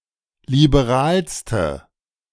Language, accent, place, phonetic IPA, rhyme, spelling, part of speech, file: German, Germany, Berlin, [libeˈʁaːlstə], -aːlstə, liberalste, adjective, De-liberalste.ogg
- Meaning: inflection of liberal: 1. strong/mixed nominative/accusative feminine singular superlative degree 2. strong nominative/accusative plural superlative degree